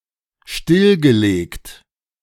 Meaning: past participle of stilllegen
- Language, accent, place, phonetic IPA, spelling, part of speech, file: German, Germany, Berlin, [ˈʃtɪlɡəˌleːkt], stillgelegt, adjective / verb, De-stillgelegt.ogg